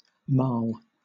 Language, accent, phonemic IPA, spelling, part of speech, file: English, Southern England, /mɑːl/, marl, noun / verb, LL-Q1860 (eng)-marl.wav
- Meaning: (noun) A mixed earthy substance, consisting of carbonate of lime, clay, and possibly sand, in very variable proportions, and accordingly designated as calcareous, clayey, or sandy